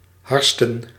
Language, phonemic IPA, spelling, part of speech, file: Dutch, /ˈhɑrstə(n)/, harsten, verb / noun, Nl-harsten.ogg
- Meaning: to fry